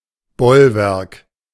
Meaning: bulwark, rampart, stronghold, fortress, bastion
- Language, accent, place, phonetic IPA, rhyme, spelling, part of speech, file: German, Germany, Berlin, [ˈbɔlˌvɛʁk], -ɔlvɛʁk, Bollwerk, noun, De-Bollwerk.ogg